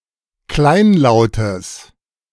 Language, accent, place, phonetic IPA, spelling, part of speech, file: German, Germany, Berlin, [ˈklaɪ̯nˌlaʊ̯təs], kleinlautes, adjective, De-kleinlautes.ogg
- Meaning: strong/mixed nominative/accusative neuter singular of kleinlaut